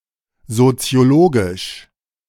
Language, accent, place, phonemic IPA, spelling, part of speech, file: German, Germany, Berlin, /zot͡si̯oˈloːɡɪʃ/, soziologisch, adjective, De-soziologisch.ogg
- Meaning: sociological